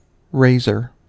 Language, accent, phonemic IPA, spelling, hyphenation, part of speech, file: English, US, /ˈɹeɪzɚ/, razor, ra‧zor, noun / verb, En-us-razor.ogg
- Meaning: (noun) 1. A keen-edged knife of peculiar shape, used in shaving the hair from the face or other parts of the body 2. Any tool or instrument designed for shaving 3. The sharp tusk of a wild boar